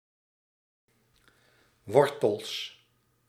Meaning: plural of wortel
- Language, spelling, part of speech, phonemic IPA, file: Dutch, wortels, noun, /ˈwɔrtəls/, Nl-wortels.ogg